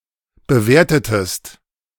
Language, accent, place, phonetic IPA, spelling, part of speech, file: German, Germany, Berlin, [bəˈveːɐ̯tətəst], bewertetest, verb, De-bewertetest.ogg
- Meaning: inflection of bewerten: 1. second-person singular preterite 2. second-person singular subjunctive II